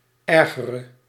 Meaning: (verb) singular present subjunctive of ergeren; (adjective) inflection of erger, the comparative degree of erg: 1. masculine/feminine singular attributive 2. definite neuter singular attributive
- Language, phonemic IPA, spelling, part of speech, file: Dutch, /ˈɛrɣərə/, ergere, adjective / verb, Nl-ergere.ogg